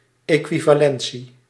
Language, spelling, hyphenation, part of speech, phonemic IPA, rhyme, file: Dutch, equivalentie, equi‧va‧len‧tie, noun, /ˌeː.kʋi.vaːˈlɛn.si/, -ɛnsi, Nl-equivalentie.ogg
- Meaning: equivalence